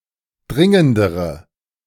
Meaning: inflection of dringend: 1. strong/mixed nominative/accusative feminine singular comparative degree 2. strong nominative/accusative plural comparative degree
- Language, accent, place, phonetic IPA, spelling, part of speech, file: German, Germany, Berlin, [ˈdʁɪŋəndəʁə], dringendere, adjective, De-dringendere.ogg